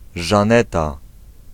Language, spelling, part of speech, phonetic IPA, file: Polish, Żaneta, proper noun, [ʒãˈnɛta], Pl-Żaneta.ogg